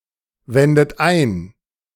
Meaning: inflection of einwenden: 1. second-person plural present 2. third-person singular present 3. plural imperative
- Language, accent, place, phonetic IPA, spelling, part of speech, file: German, Germany, Berlin, [ˌvɛndət ˈaɪ̯n], wendet ein, verb, De-wendet ein.ogg